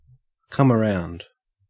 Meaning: 1. To change one's mind, especially to begin to agree or appreciate what one was reluctant to accept at first 2. To regain consciousness after a faint etc 3. To visit or arrive for a visit
- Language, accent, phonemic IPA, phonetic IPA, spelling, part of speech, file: English, Australia, /kʌ.məˈɹaʊnd/, [ka.məˈɹæʊnd], come around, verb, En-au-come around.ogg